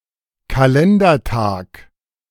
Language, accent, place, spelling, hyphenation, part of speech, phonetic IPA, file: German, Germany, Berlin, Kalendertag, Ka‧len‧der‧tag, noun, [kaˈlɛndɐˌtaːk], De-Kalendertag.ogg
- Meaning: calendar day